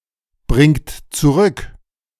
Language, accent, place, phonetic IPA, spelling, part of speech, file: German, Germany, Berlin, [ˌbʁɪŋt t͡suˈʁʏk], bringt zurück, verb, De-bringt zurück.ogg
- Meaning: inflection of zurückbringen: 1. third-person singular present 2. second-person plural present 3. plural imperative